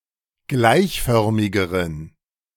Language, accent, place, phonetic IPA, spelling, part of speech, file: German, Germany, Berlin, [ˈɡlaɪ̯çˌfœʁmɪɡəʁən], gleichförmigeren, adjective, De-gleichförmigeren.ogg
- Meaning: inflection of gleichförmig: 1. strong genitive masculine/neuter singular comparative degree 2. weak/mixed genitive/dative all-gender singular comparative degree